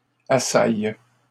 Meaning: inflection of assaillir: 1. first/third-person singular present indicative/subjunctive 2. second-person singular imperative
- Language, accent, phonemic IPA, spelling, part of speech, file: French, Canada, /a.saj/, assaille, verb, LL-Q150 (fra)-assaille.wav